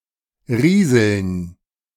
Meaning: 1. to sprinkle 2. to trickle 3. to rustle, to babble (make a sound like softly flowing water)
- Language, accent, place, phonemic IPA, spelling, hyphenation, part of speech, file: German, Germany, Berlin, /ˈʁiːzl̩n/, rieseln, rie‧seln, verb, De-rieseln.ogg